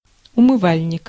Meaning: 1. sink 2. washstand 3. wash basin 4. lavabo water tank
- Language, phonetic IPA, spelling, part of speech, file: Russian, [ʊmɨˈvalʲnʲɪk], умывальник, noun, Ru-умывальник.ogg